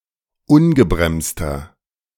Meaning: inflection of ungebremst: 1. strong/mixed nominative masculine singular 2. strong genitive/dative feminine singular 3. strong genitive plural
- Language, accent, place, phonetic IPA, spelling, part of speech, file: German, Germany, Berlin, [ˈʊnɡəbʁɛmstɐ], ungebremster, adjective, De-ungebremster.ogg